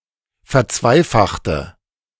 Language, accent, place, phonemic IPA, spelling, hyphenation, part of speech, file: German, Germany, Berlin, /fɛɐ̯ˈt͡svaɪ̯ˌfaxtə/, verzweifachte, ver‧zwei‧fach‧te, verb, De-verzweifachte.ogg
- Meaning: inflection of verzweifachen: 1. first/third-person singular preterite 2. first/third-person singular subjunctive II